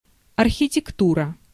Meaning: architecture
- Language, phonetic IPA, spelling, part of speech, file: Russian, [ɐrxʲɪtʲɪkˈturə], архитектура, noun, Ru-архитектура.ogg